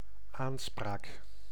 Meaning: 1. claim (of ownership), legal grounds for a claim 2. occasion for conversation, conversation 3. speech 4. charge, accusation, legal claim
- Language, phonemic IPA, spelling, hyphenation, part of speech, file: Dutch, /ˈaːnˌspraːk/, aanspraak, aan‧spraak, noun, Nl-aanspraak.ogg